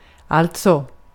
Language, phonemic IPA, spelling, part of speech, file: Swedish, /ˈa(lt)sɔ/, alltså, adverb / interjection, Sv-alltså.ogg
- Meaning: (adverb) 1. therefore, thus, consequently 2. that is, that is to say, (by being synonymous with that is in some cases) in other words, I mean 3. A filler, often with a somewhat intensifying effect